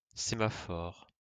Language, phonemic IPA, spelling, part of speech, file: French, /se.ma.fɔʁ/, sémaphore, noun, LL-Q150 (fra)-sémaphore.wav
- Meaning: 1. semaphore (signaling system) 2. semaphore